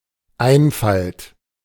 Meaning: simplicity, naivety
- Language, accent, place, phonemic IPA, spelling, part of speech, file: German, Germany, Berlin, /ˈʔaɪ̯nfalt/, Einfalt, noun, De-Einfalt.ogg